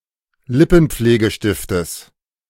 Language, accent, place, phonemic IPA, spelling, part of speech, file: German, Germany, Berlin, /ˈlɪpn̩̩p͡fleːɡəˌʃtɪftəs/, Lippenpflegestiftes, noun, De-Lippenpflegestiftes.ogg
- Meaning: genitive singular of Lippenpflegestift